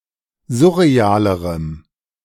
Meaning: strong dative masculine/neuter singular comparative degree of surreal
- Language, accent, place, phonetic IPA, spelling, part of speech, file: German, Germany, Berlin, [ˈzʊʁeˌaːləʁəm], surrealerem, adjective, De-surrealerem.ogg